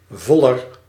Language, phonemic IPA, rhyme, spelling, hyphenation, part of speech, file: Dutch, /ˈvɔ.lər/, -ɔlər, voller, vol‧ler, noun, Nl-voller.ogg
- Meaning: a fuller (one who fulls cloth)